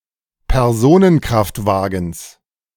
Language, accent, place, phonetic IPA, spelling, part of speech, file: German, Germany, Berlin, [pɛʁˈzoːnənˌkʁaftvaːɡn̩s], Personenkraftwagens, noun, De-Personenkraftwagens.ogg
- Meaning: genitive of Personenkraftwagen